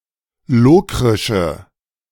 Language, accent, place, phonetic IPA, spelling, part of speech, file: German, Germany, Berlin, [ˈloːkʁɪʃə], lokrische, adjective, De-lokrische.ogg
- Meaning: inflection of lokrisch: 1. strong/mixed nominative/accusative feminine singular 2. strong nominative/accusative plural 3. weak nominative all-gender singular